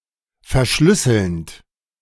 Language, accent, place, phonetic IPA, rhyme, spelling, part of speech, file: German, Germany, Berlin, [fɛɐ̯ˈʃlʏsl̩nt], -ʏsl̩nt, verschlüsselnd, verb, De-verschlüsselnd.ogg
- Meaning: present participle of verschlüsseln